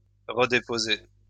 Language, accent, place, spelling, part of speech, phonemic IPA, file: French, France, Lyon, redéposer, verb, /ʁə.de.po.ze/, LL-Q150 (fra)-redéposer.wav
- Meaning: to redeposit